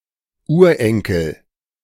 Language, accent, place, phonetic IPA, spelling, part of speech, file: German, Germany, Berlin, [ˈuːɐ̯ˌʔɛŋkl̩], Urenkel, noun, De-Urenkel.ogg
- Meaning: 1. great-grandchild 2. great-grandson 3. later descendant